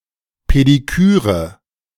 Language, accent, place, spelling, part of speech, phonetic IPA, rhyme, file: German, Germany, Berlin, Pediküre, noun, [pediˈkyːʁə], -yːʁə, De-Pediküre.ogg
- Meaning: pedicure